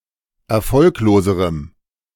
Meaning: strong dative masculine/neuter singular comparative degree of erfolglos
- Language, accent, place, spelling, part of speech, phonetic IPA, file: German, Germany, Berlin, erfolgloserem, adjective, [ɛɐ̯ˈfɔlkloːzəʁəm], De-erfolgloserem.ogg